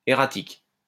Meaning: 1. erratic 2. irregular, intermittent
- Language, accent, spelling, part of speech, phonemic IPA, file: French, France, erratique, adjective, /e.ʁa.tik/, LL-Q150 (fra)-erratique.wav